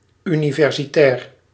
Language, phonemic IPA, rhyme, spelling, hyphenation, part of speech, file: Dutch, /ˌynivɛrziˈtɛːr/, -ɛːr, universitair, uni‧ver‧si‧tair, adjective, Nl-universitair.ogg
- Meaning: of, from or pertaining to university; academic